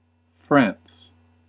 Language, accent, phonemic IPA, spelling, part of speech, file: English, US, /fɹæns/, France, proper noun, En-us-France.ogg
- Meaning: A country located primarily in Western Europe. Official name: French Republic. Capital and largest city: Paris